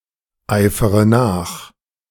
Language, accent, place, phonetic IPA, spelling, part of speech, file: German, Germany, Berlin, [ˌaɪ̯fəʁə ˈnaːx], eifere nach, verb, De-eifere nach.ogg
- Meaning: inflection of nacheifern: 1. first-person singular present 2. first-person plural subjunctive I 3. third-person singular subjunctive I 4. singular imperative